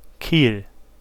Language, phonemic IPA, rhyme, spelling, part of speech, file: German, /kiːl/, -iːl, Kiel, noun / proper noun, De-Kiel.ogg
- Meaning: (noun) 1. keel (beam at the underside of a ship) 2. quill (shaft of a feather); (proper noun) Kiel (an independent city in Schleswig-Holstein, Germany)